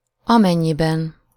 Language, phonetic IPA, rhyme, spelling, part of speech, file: Hungarian, [ˈɒmɛɲːibɛn], -ɛn, amennyiben, conjunction, Hu-amennyiben.ogg
- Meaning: 1. inasmuch as, insofar as, in that 2. if, providing, provided that